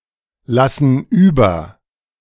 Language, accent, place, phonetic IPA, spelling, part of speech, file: German, Germany, Berlin, [ˌlasn̩ ˈyːbɐ], lassen über, verb, De-lassen über.ogg
- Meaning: inflection of überlassen: 1. first/third-person plural present 2. first/third-person plural subjunctive I